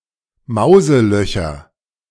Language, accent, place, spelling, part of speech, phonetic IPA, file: German, Germany, Berlin, Mauselöcher, noun, [ˈmaʊ̯zəˌlœçɐ], De-Mauselöcher.ogg
- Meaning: nominative/accusative/genitive plural of Mauseloch